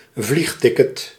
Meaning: an air ticket, a plane ticket
- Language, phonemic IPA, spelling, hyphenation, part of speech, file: Dutch, /ˈvlixˌtɪ.kət/, vliegticket, vlieg‧tic‧ket, noun, Nl-vliegticket.ogg